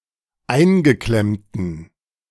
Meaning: inflection of eingeklemmt: 1. strong genitive masculine/neuter singular 2. weak/mixed genitive/dative all-gender singular 3. strong/weak/mixed accusative masculine singular 4. strong dative plural
- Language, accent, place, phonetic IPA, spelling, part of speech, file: German, Germany, Berlin, [ˈaɪ̯nɡəˌklɛmtn̩], eingeklemmten, adjective, De-eingeklemmten.ogg